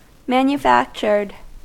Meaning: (adjective) 1. manmade; produced by humans rather than nature 2. not genuine; contrived; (verb) simple past and past participle of manufacture
- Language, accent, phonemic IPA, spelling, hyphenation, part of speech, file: English, US, /ˌmænjəˈfækt͡ʃɚd/, manufactured, man‧u‧fac‧tured, adjective / verb, En-us-manufactured.ogg